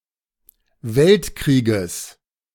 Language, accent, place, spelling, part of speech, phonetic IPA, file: German, Germany, Berlin, Weltkrieges, noun, [ˈvɛltˌkʁiːɡəs], De-Weltkrieges.ogg
- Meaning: genitive singular of Weltkrieg